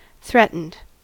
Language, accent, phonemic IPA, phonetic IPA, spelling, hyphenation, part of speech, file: English, US, /ˈθɹɛt.n̩d/, [ˈθɹɛʔ.n̩d], threatened, threat‧ened, verb / adjective, En-us-threatened.ogg
- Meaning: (verb) simple past and past participle of threaten; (adjective) 1. At risk of becoming endangered in the near future 2. Feeling insecure or vulnerable